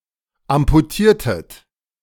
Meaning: inflection of amputieren: 1. second-person plural preterite 2. second-person plural subjunctive II
- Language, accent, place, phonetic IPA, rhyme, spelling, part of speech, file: German, Germany, Berlin, [ampuˈtiːɐ̯tət], -iːɐ̯tət, amputiertet, verb, De-amputiertet.ogg